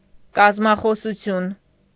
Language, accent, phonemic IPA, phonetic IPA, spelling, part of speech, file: Armenian, Eastern Armenian, /kɑzmɑχosuˈtʰjun/, [kɑzmɑχosut͡sʰjún], կազմախոսություն, noun, Hy-կազմախոսություն.ogg
- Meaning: anatomy